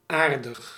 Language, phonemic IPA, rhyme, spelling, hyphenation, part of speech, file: Dutch, /ˈaːr.dəx/, -aːrdəx, aardig, aar‧dig, adjective, Nl-aardig.ogg
- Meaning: 1. friendly, nice 2. nice 3. considerable, substantial